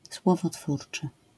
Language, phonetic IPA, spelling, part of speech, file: Polish, [ˌswɔvɔˈtfurt͡ʃɨ], słowotwórczy, adjective, LL-Q809 (pol)-słowotwórczy.wav